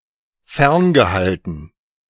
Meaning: past participle of fernhalten
- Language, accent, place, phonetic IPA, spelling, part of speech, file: German, Germany, Berlin, [ˈfɛʁnɡəˌhaltn̩], ferngehalten, verb, De-ferngehalten.ogg